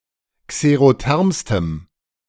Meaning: strong dative masculine/neuter singular superlative degree of xerotherm
- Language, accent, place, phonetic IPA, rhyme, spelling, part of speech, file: German, Germany, Berlin, [kseʁoˈtɛʁmstəm], -ɛʁmstəm, xerothermstem, adjective, De-xerothermstem.ogg